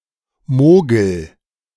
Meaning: inflection of mogeln: 1. first-person singular present 2. singular imperative
- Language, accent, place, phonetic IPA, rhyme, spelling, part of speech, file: German, Germany, Berlin, [ˈmoːɡl̩], -oːɡl̩, mogel, verb, De-mogel.ogg